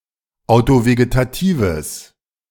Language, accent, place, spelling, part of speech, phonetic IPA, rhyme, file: German, Germany, Berlin, autovegetatives, adjective, [aʊ̯toveɡetaˈtiːvəs], -iːvəs, De-autovegetatives.ogg
- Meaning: strong/mixed nominative/accusative neuter singular of autovegetativ